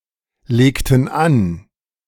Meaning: inflection of anlegen: 1. first/third-person plural preterite 2. first/third-person plural subjunctive II
- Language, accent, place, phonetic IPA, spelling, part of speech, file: German, Germany, Berlin, [ˌleːktn̩ ˈan], legten an, verb, De-legten an.ogg